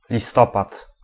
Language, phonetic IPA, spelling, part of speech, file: Polish, [lʲiˈstɔpat], listopad, noun, Pl-listopad.ogg